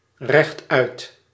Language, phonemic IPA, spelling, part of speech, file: Dutch, /rɛxˈtœyt/, rechtuit, adverb, Nl-rechtuit.ogg
- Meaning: straightforward